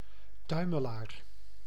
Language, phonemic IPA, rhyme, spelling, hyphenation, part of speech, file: Dutch, /ˈtœy̯.məˌlaːr/, -œy̯məlaːr, tuimelaar, tui‧me‧laar, noun, Nl-tuimelaar.ogg
- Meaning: 1. tumbler (one who tumbles) 2. common bottlenose dolphin (Tursiops truncatus) 3. rocker (implement or machine working with a rocking motion)